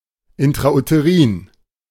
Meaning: intrauterine
- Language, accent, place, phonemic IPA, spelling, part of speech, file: German, Germany, Berlin, /ɪntʁaʔuteˈʁiːn/, intrauterin, adjective, De-intrauterin.ogg